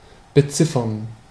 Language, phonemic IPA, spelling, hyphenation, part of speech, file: German, /bəˈtsɪfɐn/, beziffern, be‧zif‧fern, verb, De-beziffern.ogg
- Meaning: 1. to estimate 2. to number